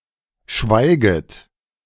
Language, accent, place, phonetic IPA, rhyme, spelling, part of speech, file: German, Germany, Berlin, [ˈʃvaɪ̯ɡət], -aɪ̯ɡət, schweiget, verb, De-schweiget.ogg
- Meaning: second-person plural subjunctive I of schweigen